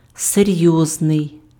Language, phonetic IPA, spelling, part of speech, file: Ukrainian, [seˈrjɔznei̯], серйозний, adjective, Uk-серйозний.ogg
- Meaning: serious, grave